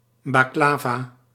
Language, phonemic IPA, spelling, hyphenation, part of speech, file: Dutch, /bɑkˈlaː.vaː/, baklava, bak‧la‧va, noun, Nl-baklava.ogg
- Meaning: baklava